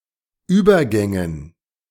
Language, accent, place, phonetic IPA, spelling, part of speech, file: German, Germany, Berlin, [ˈyːbɐˌɡɛŋən], Übergängen, noun, De-Übergängen.ogg
- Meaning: dative plural of Übergang